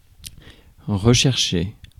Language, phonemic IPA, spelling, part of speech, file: French, /ʁə.ʃɛʁ.ʃe/, rechercher, verb, Fr-rechercher.ogg
- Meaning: 1. to search for, seek, to look for 2. to search again, to look for again